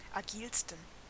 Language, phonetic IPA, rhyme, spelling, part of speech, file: German, [aˈɡiːlstn̩], -iːlstn̩, agilsten, adjective, De-agilsten.ogg
- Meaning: 1. superlative degree of agil 2. inflection of agil: strong genitive masculine/neuter singular superlative degree